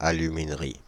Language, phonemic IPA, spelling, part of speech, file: French, /a.ly.min.ʁi/, aluminerie, noun, Fr-aluminerie.ogg
- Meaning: a factory in which bauxite (or similar ore) is converted into aluminium metal